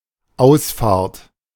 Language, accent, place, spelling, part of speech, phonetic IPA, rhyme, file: German, Germany, Berlin, Ausfahrt, noun, [ˈaʊ̯sˌfaːɐ̯t], -aʊ̯sfaːɐ̯t, De-Ausfahrt.ogg
- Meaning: exit